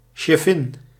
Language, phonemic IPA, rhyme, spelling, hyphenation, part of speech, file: Dutch, /ʃɛˈfɪn/, -ɪn, cheffin, chef‧fin, noun, Nl-cheffin.ogg
- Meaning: 1. a female boss 2. a female chef, a female head cook 3. the wife of a boss